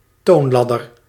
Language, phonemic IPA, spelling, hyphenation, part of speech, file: Dutch, /ˈtoːnˌlɑ.dər/, toonladder, toon‧lad‧der, noun, Nl-toonladder.ogg
- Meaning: scale